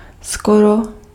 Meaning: almost, nearly
- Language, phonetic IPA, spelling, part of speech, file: Czech, [ˈskoro], skoro, adverb, Cs-skoro.ogg